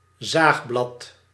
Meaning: 1. sawblade 2. sawwort, Serratula tinctoria
- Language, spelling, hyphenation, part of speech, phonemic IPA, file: Dutch, zaagblad, zaag‧blad, noun, /ˈzaːx.blɑt/, Nl-zaagblad.ogg